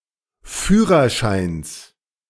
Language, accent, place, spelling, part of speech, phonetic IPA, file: German, Germany, Berlin, Führerscheins, noun, [ˈfyːʁɐˌʃaɪ̯ns], De-Führerscheins.ogg
- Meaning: genitive singular of Führerschein